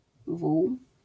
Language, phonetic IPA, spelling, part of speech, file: Polish, [vuw], wół, noun, LL-Q809 (pol)-wół.wav